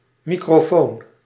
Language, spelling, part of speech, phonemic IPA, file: Dutch, microfoon, noun, /ˌmikroˈfon/, Nl-microfoon.ogg
- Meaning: microphone